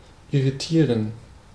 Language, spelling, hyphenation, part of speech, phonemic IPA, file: German, irritieren, ir‧ri‧tie‧ren, verb, /ɪriˈtiːrən/, De-irritieren.ogg
- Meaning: to confuse, disturb, put off, annoy